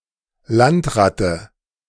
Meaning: landlubber, landrat (someone unfamiliar with seamanship, someone who dislikes being in or on the water)
- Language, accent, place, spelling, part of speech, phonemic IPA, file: German, Germany, Berlin, Landratte, noun, /ˈlantˌratə/, De-Landratte.ogg